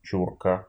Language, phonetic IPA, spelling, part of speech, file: Russian, [ˈt͡ɕurkə], чурка, noun, Ru-чу́рка.ogg
- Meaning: 1. chock, block of wood, a small, severed part of a tree 2. dumb, uneducated person, dullard, booby 3. immigrant from Central Asia or the Caucasus, wog